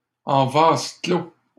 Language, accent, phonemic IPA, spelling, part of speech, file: French, Canada, /ɑ̃ vaz klo/, en vase clos, adverb, LL-Q150 (fra)-en vase clos.wav
- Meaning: in isolation